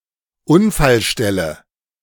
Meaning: accident site
- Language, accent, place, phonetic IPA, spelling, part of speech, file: German, Germany, Berlin, [ˈʊnfalˌʃtɛlə], Unfallstelle, noun, De-Unfallstelle.ogg